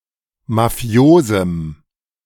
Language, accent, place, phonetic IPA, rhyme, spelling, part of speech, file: German, Germany, Berlin, [maˈfi̯oːzm̩], -oːzm̩, mafiosem, adjective, De-mafiosem.ogg
- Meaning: strong dative masculine/neuter singular of mafios